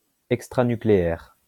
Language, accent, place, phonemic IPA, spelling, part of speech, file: French, France, Lyon, /ɛk.stʁa.ny.kle.ɛʁ/, extranucléaire, adjective, LL-Q150 (fra)-extranucléaire.wav
- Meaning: extranuclear